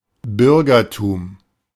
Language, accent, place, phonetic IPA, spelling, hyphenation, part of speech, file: German, Germany, Berlin, [ˈbʏʁɡɐtuːm], Bürgertum, Bür‧ger‧tum, noun, De-Bürgertum.ogg
- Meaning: bourgeoisie, middle class